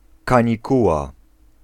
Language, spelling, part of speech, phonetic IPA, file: Polish, kanikuła, noun, [ˌkãɲiˈkuwa], Pl-kanikuła.ogg